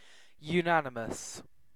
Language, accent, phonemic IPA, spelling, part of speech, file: English, UK, /juːˈnanɪməs/, unanimous, adjective, En-uk-unanimous.ogg
- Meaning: 1. Based on unanimity, assent or agreement 2. Sharing the same views or opinions, and being in harmony or accord